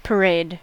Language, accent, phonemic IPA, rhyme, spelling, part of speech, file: English, US, /pəˈɹeɪd/, -eɪd, parade, noun / verb, En-us-parade.ogg